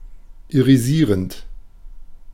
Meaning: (verb) present participle of irisieren; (adjective) iridescent (producing lustrous colors)
- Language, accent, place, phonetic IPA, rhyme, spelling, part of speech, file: German, Germany, Berlin, [iʁiˈziːʁənt], -iːʁənt, irisierend, adjective / verb, De-irisierend.ogg